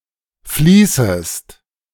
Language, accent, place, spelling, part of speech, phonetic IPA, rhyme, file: German, Germany, Berlin, fließest, verb, [ˈfliːsəst], -iːsəst, De-fließest.ogg
- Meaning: second-person singular subjunctive I of fließen